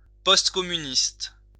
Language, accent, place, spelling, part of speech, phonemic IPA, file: French, France, Lyon, post-communiste, adjective, /pɔst.kɔ.my.nist/, LL-Q150 (fra)-post-communiste.wav
- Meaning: postcommunist